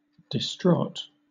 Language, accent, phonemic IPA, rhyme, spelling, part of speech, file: English, Southern England, /dɪsˈtɹɔːt/, -ɔːt, distraught, adjective, LL-Q1860 (eng)-distraught.wav
- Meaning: 1. Deeply hurt, saddened, or worried; incapacitated by distress 2. Mad; insane